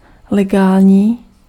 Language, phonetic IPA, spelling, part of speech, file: Czech, [ˈlɛɡaːlɲiː], legální, adjective, Cs-legální.ogg
- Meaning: legal (allowed or prescribed by law)